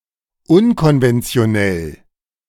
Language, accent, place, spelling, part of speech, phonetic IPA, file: German, Germany, Berlin, unkonventionell, adjective, [ˈʊnkɔnvɛnt͡si̯oˌnɛl], De-unkonventionell.ogg
- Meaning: unconventional